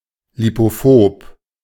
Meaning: lipophobic
- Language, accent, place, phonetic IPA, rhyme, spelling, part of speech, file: German, Germany, Berlin, [ˌlipoˈfoːp], -oːp, lipophob, adjective, De-lipophob.ogg